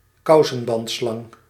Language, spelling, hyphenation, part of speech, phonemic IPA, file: Dutch, kousenbandslang, kou‧sen‧band‧slang, noun, /ˈkɑu̯.sə(n).bɑntˌslɑŋ/, Nl-kousenbandslang.ogg
- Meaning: 1. garter snake, snake of the genus Thamnophis 2. common garter snake (Thamnophis sirtalis)